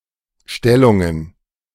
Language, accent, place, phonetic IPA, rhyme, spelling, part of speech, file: German, Germany, Berlin, [ˈʃtɛlʊŋən], -ɛlʊŋən, Stellungen, noun, De-Stellungen.ogg
- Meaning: plural of Stellung